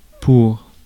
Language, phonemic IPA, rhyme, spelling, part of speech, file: French, /puʁ/, -uʁ, pour, preposition, Fr-pour.ogg
- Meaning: 1. for (meant for, intended for) 2. for (in support of) 3. for (as a consequence for) 4. for (an intended destination) 5. to (to bring about an intended result) 6. for, to (according to)